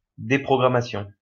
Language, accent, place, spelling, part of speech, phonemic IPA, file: French, France, Lyon, déprogrammation, noun, /de.pʁɔ.ɡʁa.ma.sjɔ̃/, LL-Q150 (fra)-déprogrammation.wav
- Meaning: deprogramming